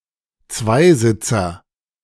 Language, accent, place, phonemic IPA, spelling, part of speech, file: German, Germany, Berlin, /ˈtsvaɪ̯ˌzɪtsɐ/, Zweisitzer, noun, De-Zweisitzer.ogg
- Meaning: two-seater